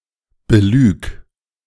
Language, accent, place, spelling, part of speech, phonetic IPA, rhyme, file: German, Germany, Berlin, belüg, verb, [bəˈlyːk], -yːk, De-belüg.ogg
- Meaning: singular imperative of belügen